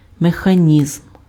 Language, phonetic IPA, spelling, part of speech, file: Ukrainian, [mexɐˈnʲizm], механізм, noun, Uk-механізм.ogg
- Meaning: mechanism